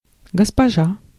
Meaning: 1. female equivalent of господи́н (gospodín): lady, gentlewoman, dame (a woman of a high rank or position) 2. madam, ma'am, Mrs., Miss (polite, formal term of address for a woman)
- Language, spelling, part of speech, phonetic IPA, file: Russian, госпожа, noun, [ɡəspɐˈʐa], Ru-госпожа.ogg